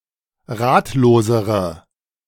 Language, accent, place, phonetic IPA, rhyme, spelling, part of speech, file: German, Germany, Berlin, [ˈʁaːtloːzəʁə], -aːtloːzəʁə, ratlosere, adjective, De-ratlosere.ogg
- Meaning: inflection of ratlos: 1. strong/mixed nominative/accusative feminine singular comparative degree 2. strong nominative/accusative plural comparative degree